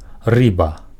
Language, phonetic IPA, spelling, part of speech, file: Belarusian, [ˈrɨba], рыба, noun, Be-рыба.ogg
- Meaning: fish